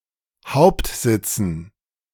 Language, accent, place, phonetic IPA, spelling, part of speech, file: German, Germany, Berlin, [ˈhaʊ̯ptˌzɪt͡sn̩], Hauptsitzen, noun, De-Hauptsitzen.ogg
- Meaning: dative plural of Hauptsitz